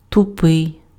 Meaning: 1. blunt 2. thick, obtuse, dull, stupid, silly
- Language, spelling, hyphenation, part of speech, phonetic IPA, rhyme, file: Ukrainian, тупий, ту‧пий, adjective, [tʊˈpɪi̯], -ɪi̯, Uk-тупий.ogg